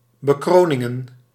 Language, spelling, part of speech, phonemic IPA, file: Dutch, bekroningen, noun, /bəˈkronɪŋə(n)/, Nl-bekroningen.ogg
- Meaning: plural of bekroning